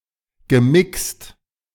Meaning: past participle of mixen
- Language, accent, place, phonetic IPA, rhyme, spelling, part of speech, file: German, Germany, Berlin, [ɡəˈmɪkst], -ɪkst, gemixt, verb, De-gemixt.ogg